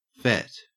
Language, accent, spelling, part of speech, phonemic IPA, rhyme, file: English, Australia, fet, verb / noun, /fɛt/, -ɛt, En-au-fet.ogg
- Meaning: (verb) To fetch; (noun) 1. A piece 2. Clipping of fetish